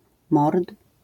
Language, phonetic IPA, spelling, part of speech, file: Polish, [mɔrt], mord, noun, LL-Q809 (pol)-mord.wav